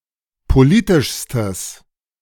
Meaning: strong/mixed nominative/accusative neuter singular superlative degree of politisch
- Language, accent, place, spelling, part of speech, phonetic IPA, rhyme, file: German, Germany, Berlin, politischstes, adjective, [poˈliːtɪʃstəs], -iːtɪʃstəs, De-politischstes.ogg